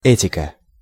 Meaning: ethics (study of principles governing right and wrong conduct)
- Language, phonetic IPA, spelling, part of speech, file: Russian, [ˈɛtʲɪkə], этика, noun, Ru-этика.ogg